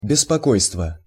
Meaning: 1. anxiety, concern, uneasiness, nervousness 2. trouble, bother, annoyance
- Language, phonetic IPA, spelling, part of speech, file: Russian, [bʲɪspɐˈkojstvə], беспокойство, noun, Ru-беспокойство.ogg